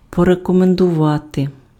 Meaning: to recommend
- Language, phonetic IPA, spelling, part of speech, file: Ukrainian, [pɔrekɔmendʊˈʋate], порекомендувати, verb, Uk-порекомендувати.ogg